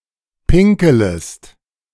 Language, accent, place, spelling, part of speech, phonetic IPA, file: German, Germany, Berlin, pinkelest, verb, [ˈpɪŋkl̩əst], De-pinkelest.ogg
- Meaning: second-person singular subjunctive I of pinkeln